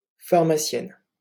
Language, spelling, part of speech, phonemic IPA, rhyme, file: French, pharmacienne, noun, /faʁ.ma.sjɛn/, -ɛn, LL-Q150 (fra)-pharmacienne.wav
- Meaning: female equivalent of pharmacien